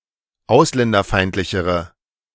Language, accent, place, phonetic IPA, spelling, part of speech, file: German, Germany, Berlin, [ˈaʊ̯slɛndɐˌfaɪ̯ntlɪçəʁə], ausländerfeindlichere, adjective, De-ausländerfeindlichere.ogg
- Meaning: inflection of ausländerfeindlich: 1. strong/mixed nominative/accusative feminine singular comparative degree 2. strong nominative/accusative plural comparative degree